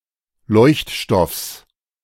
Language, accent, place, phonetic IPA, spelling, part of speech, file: German, Germany, Berlin, [ˈlɔɪ̯çtˌʃtɔfs], Leuchtstoffs, noun, De-Leuchtstoffs.ogg
- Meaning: genitive singular of Leuchtstoff